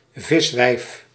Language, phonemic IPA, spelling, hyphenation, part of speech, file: Dutch, /ˈvɪs.ʋɛi̯f/, viswijf, vis‧wijf, noun, Nl-viswijf.ogg
- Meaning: 1. fishwife, female fishmonger 2. scold